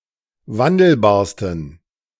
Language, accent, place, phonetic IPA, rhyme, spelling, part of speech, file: German, Germany, Berlin, [ˈvandl̩baːɐ̯stn̩], -andl̩baːɐ̯stn̩, wandelbarsten, adjective, De-wandelbarsten.ogg
- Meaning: 1. superlative degree of wandelbar 2. inflection of wandelbar: strong genitive masculine/neuter singular superlative degree